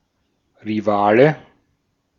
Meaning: rival (opponent striving for the same goal, e.g. in competition or courtship)
- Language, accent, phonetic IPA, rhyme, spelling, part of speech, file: German, Austria, [ʁiˈvaːlə], -aːlə, Rivale, noun, De-at-Rivale.ogg